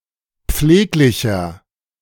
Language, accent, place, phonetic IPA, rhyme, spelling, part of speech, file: German, Germany, Berlin, [ˈp͡fleːklɪçɐ], -eːklɪçɐ, pfleglicher, adjective, De-pfleglicher.ogg
- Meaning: 1. comparative degree of pfleglich 2. inflection of pfleglich: strong/mixed nominative masculine singular 3. inflection of pfleglich: strong genitive/dative feminine singular